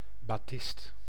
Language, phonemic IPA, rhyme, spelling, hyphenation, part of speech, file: Dutch, /baːˈtɪst/, -ɪst, batist, ba‧tist, noun, Nl-batist.ogg
- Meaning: 1. batiste, cambric 2. a piece of batiste fabric